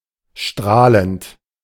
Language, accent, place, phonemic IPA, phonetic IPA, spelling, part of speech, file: German, Germany, Berlin, /ˈʃtraːlənt/, [ˈʃtʁaːlənt], strahlend, verb / adjective / adverb, De-strahlend.ogg
- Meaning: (verb) present participle of strahlen; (adjective) 1. shining 2. radiant; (adverb) dazzlingly, radiantly, brightly